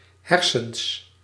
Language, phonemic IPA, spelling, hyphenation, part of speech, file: Dutch, /ˈɦɛr.səns/, hersens, her‧sens, noun, Nl-hersens.ogg
- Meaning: alternative form of hersenen